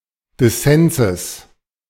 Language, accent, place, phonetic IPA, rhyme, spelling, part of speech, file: German, Germany, Berlin, [dɪˈsɛnzəs], -ɛnzəs, Dissenses, noun, De-Dissenses.ogg
- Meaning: genitive singular of Dissens